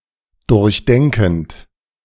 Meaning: present participle of durchdenken
- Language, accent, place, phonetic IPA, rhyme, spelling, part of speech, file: German, Germany, Berlin, [ˌdʊʁçˈdɛŋkn̩t], -ɛŋkn̩t, durchdenkend, verb, De-durchdenkend.ogg